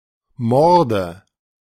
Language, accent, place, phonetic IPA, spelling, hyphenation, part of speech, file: German, Germany, Berlin, [mɔʁdə], Morde, Mor‧de, noun, De-Morde.ogg
- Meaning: nominative/accusative/genitive plural of Mord